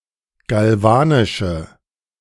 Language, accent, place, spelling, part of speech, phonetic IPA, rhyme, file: German, Germany, Berlin, galvanische, adjective, [ɡalˈvaːnɪʃə], -aːnɪʃə, De-galvanische.ogg
- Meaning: inflection of galvanisch: 1. strong/mixed nominative/accusative feminine singular 2. strong nominative/accusative plural 3. weak nominative all-gender singular